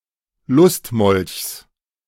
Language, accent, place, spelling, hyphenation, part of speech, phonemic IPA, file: German, Germany, Berlin, Lustmolchs, Lust‧molchs, noun, /ˈlʊstmɔlçs/, De-Lustmolchs.ogg
- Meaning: genitive singular of Lustmolch